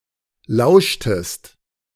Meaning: inflection of lauschen: 1. second-person singular preterite 2. second-person singular subjunctive II
- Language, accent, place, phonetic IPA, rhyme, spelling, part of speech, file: German, Germany, Berlin, [ˈlaʊ̯ʃtəst], -aʊ̯ʃtəst, lauschtest, verb, De-lauschtest.ogg